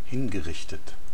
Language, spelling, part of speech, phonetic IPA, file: German, hingerichtet, verb, [ˈhɪnɡəˌʁɪçtət], DE-hingerichtet.oga
- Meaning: past participle of hinrichten